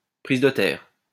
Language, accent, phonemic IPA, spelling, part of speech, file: French, France, /pʁiz də tɛʁ/, prise de terre, noun, LL-Q150 (fra)-prise de terre.wav
- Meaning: ground wire; earth